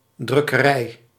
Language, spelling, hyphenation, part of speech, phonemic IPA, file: Dutch, drukkerij, druk‧ke‧rij, noun, /ˌdrʏ.kəˈrɛi̯/, Nl-drukkerij.ogg
- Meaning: printing house, printing press, printworks